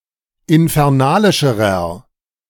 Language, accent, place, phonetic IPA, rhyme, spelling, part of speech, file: German, Germany, Berlin, [ɪnfɛʁˈnaːlɪʃəʁɐ], -aːlɪʃəʁɐ, infernalischerer, adjective, De-infernalischerer.ogg
- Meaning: inflection of infernalisch: 1. strong/mixed nominative masculine singular comparative degree 2. strong genitive/dative feminine singular comparative degree 3. strong genitive plural comparative degree